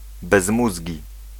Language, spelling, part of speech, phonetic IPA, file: Polish, bezmózgi, adjective, [bɛzˈmuzʲɟi], Pl-bezmózgi.ogg